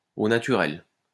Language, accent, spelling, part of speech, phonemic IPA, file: French, France, au naturel, adverb, /o na.ty.ʁɛl/, LL-Q150 (fra)-au naturel.wav
- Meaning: 1. naturally 2. in the nude 3. most simply, most plainly (in the plainest or simplest manner) 4. without seasoning, flavouring or dressing 5. proper